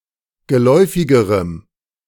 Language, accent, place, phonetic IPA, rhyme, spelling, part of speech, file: German, Germany, Berlin, [ɡəˈlɔɪ̯fɪɡəʁəm], -ɔɪ̯fɪɡəʁəm, geläufigerem, adjective, De-geläufigerem.ogg
- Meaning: strong dative masculine/neuter singular comparative degree of geläufig